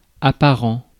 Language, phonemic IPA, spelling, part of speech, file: French, /a.pa.ʁɑ̃/, apparent, adjective, Fr-apparent.ogg
- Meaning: apparent (all senses)